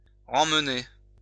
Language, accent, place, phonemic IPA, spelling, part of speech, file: French, France, Lyon, /ʁɑ̃m.ne/, remmener, verb, LL-Q150 (fra)-remmener.wav
- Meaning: to remove or take away